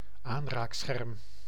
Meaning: touch screen
- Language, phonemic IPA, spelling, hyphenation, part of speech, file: Dutch, /ˈaːn.raːkˌsxɛrm/, aanraakscherm, aan‧raak‧scherm, noun, Nl-aanraakscherm.ogg